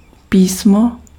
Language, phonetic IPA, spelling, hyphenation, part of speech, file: Czech, [ˈpiːsmo], písmo, pí‧s‧mo, noun, Cs-písmo.ogg
- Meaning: 1. font 2. script